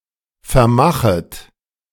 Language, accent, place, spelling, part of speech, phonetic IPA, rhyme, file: German, Germany, Berlin, vermachet, verb, [fɛɐ̯ˈmaxət], -axət, De-vermachet.ogg
- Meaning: second-person plural subjunctive I of vermachen